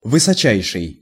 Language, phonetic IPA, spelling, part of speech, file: Russian, [vɨsɐˈt͡ɕæjʂɨj], высочайший, adjective, Ru-высочайший.ogg
- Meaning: superlative degree of высо́кий (vysókij)